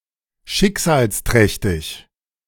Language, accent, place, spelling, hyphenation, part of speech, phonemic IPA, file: German, Germany, Berlin, schicksalsträchtig, schick‧sals‧träch‧tig, adjective, /ˈʃɪkzaːlsˌtrɛçtɪç/, De-schicksalsträchtig.ogg
- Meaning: fateful